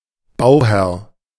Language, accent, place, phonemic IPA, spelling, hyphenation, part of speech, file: German, Germany, Berlin, /ˈbaʊˌhɛʁ/, Bauherr, Bau‧herr, noun, De-Bauherr.ogg
- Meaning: 1. builder 2. contractor or owner of a building project